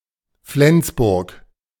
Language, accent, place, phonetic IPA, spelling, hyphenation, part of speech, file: German, Germany, Berlin, [ˈflɛnsbʊʁk], Flensburg, Flens‧burg, proper noun, De-Flensburg.ogg
- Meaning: 1. an independent town in Schleswig-Holstein, Germany 2. the German National Driver and Vehicle Register 3. the German National Driver and Vehicle Register: the record of traffic offences